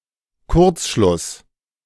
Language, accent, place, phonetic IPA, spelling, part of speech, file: German, Germany, Berlin, [ˈkʊʁt͡sˌʃlʊs], Kurzschluss, noun, De-Kurzschluss.ogg
- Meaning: 1. short circuit (an unintentional connection of low resistance or impedance in a circuit) 2. false conclusion